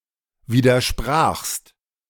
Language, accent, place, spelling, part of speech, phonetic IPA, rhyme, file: German, Germany, Berlin, widersprachst, verb, [ˌviːdɐˈʃpʁaːxst], -aːxst, De-widersprachst.ogg
- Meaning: second-person singular preterite of widersprechen